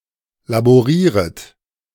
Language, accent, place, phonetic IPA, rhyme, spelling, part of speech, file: German, Germany, Berlin, [laboˈʁiːʁət], -iːʁət, laborieret, verb, De-laborieret.ogg
- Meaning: second-person plural subjunctive I of laborieren